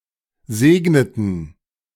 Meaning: inflection of segnen: 1. first/third-person plural preterite 2. first/third-person plural subjunctive II
- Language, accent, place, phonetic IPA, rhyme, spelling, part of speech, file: German, Germany, Berlin, [ˈzeːɡnətn̩], -eːɡnətn̩, segneten, verb, De-segneten.ogg